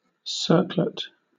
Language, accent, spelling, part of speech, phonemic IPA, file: English, Southern England, circlet, noun, /ˈsɜːklət/, LL-Q1860 (eng)-circlet.wav
- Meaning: 1. A small circle 2. A ring (typically of gold or silver) worn as an ornament on the head 3. A crown without arches or a covering 4. A round body; an orb